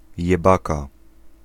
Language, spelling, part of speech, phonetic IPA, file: Polish, jebaka, noun, [jɛˈbaka], Pl-jebaka.ogg